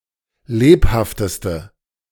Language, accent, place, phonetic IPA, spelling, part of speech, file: German, Germany, Berlin, [ˈleːphaftəstə], lebhafteste, adjective, De-lebhafteste.ogg
- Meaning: inflection of lebhaft: 1. strong/mixed nominative/accusative feminine singular superlative degree 2. strong nominative/accusative plural superlative degree